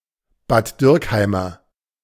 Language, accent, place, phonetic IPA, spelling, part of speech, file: German, Germany, Berlin, [baːt ˈdyːʁkˌhaɪ̯mɐ], Bad Dürkheimer, adjective, De-Bad Dürkheimer.ogg
- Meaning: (noun) A native or resident of Bad Dürkheim; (adjective) of Bad Dürkheim